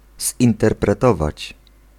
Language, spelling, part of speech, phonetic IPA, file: Polish, zinterpretować, verb, [ˌzʲĩntɛrprɛˈtɔvat͡ɕ], Pl-zinterpretować.ogg